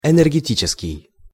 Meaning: energy; energetic
- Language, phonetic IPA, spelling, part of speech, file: Russian, [ɛnɛrɡʲɪˈtʲit͡ɕɪskʲɪj], энергетический, adjective, Ru-энергетический.ogg